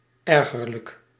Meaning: annoying, disturbing
- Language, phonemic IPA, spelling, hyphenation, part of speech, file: Dutch, /ˈɛr.ɣər.lək/, ergerlijk, er‧ger‧lijk, adjective, Nl-ergerlijk.ogg